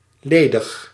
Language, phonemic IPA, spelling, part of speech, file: Dutch, /ˈleːdɪx/, ledig, adjective / verb, Nl-ledig.ogg
- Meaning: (adjective) alternative form of leeg; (verb) inflection of ledigen: 1. first-person singular present indicative 2. second-person singular present indicative 3. imperative